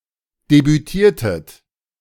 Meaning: inflection of debütieren: 1. second-person plural preterite 2. second-person plural subjunctive II
- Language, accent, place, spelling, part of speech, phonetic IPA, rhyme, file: German, Germany, Berlin, debütiertet, verb, [debyˈtiːɐ̯tət], -iːɐ̯tət, De-debütiertet.ogg